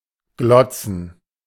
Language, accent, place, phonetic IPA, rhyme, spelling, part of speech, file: German, Germany, Berlin, [ˈɡlɔt͡sn̩], -ɔt͡sn̩, glotzen, verb, De-glotzen.ogg
- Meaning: to stare, gape, gawk, goggle (eyes)